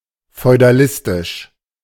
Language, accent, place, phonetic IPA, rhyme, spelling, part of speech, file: German, Germany, Berlin, [fɔɪ̯daˈlɪstɪʃ], -ɪstɪʃ, feudalistisch, adjective, De-feudalistisch.ogg
- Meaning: feudalistic